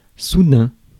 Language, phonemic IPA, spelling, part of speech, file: French, /su.dɛ̃/, soudain, adjective / adverb, Fr-soudain.ogg
- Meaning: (adjective) sudden (happening quickly and with little or no warning); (adverb) suddenly, all of a sudden